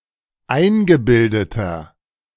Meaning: 1. comparative degree of eingebildet 2. inflection of eingebildet: strong/mixed nominative masculine singular 3. inflection of eingebildet: strong genitive/dative feminine singular
- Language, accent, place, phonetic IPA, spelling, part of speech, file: German, Germany, Berlin, [ˈaɪ̯nɡəˌbɪldətɐ], eingebildeter, adjective, De-eingebildeter.ogg